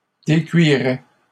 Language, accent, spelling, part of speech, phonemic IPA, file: French, Canada, décuirait, verb, /de.kɥi.ʁɛ/, LL-Q150 (fra)-décuirait.wav
- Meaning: third-person singular conditional of décuire